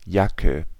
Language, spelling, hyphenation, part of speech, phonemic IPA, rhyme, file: German, Jacke, Ja‧cke, noun, /ˈjakə/, -akə, De-Jacke.ogg
- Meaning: jacket